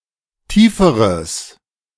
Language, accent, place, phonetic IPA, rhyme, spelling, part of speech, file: German, Germany, Berlin, [ˈtiːfəʁəs], -iːfəʁəs, tieferes, adjective, De-tieferes.ogg
- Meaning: strong/mixed nominative/accusative neuter singular comparative degree of tief